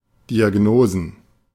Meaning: plural of Diagnose
- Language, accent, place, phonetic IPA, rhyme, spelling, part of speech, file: German, Germany, Berlin, [diaˈɡnoːzn̩], -oːzn̩, Diagnosen, noun, De-Diagnosen.ogg